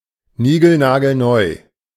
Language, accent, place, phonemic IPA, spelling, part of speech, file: German, Germany, Berlin, /ˈniːɡl̩naːɡl̩ˈnɔɪ̯/, nigelnagelneu, adjective, De-nigelnagelneu.ogg
- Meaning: brand spanking new